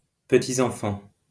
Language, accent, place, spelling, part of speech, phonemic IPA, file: French, France, Lyon, petits-enfants, noun, /pə.ti.z‿ɑ̃.fɑ̃/, LL-Q150 (fra)-petits-enfants.wav
- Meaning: plural of petit-enfant